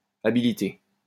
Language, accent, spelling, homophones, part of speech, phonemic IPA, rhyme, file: French, France, habilité, habilités, verb / noun, /a.bi.li.te/, -e, LL-Q150 (fra)-habilité.wav
- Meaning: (verb) past participle of habiliter; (noun) archaic form of habileté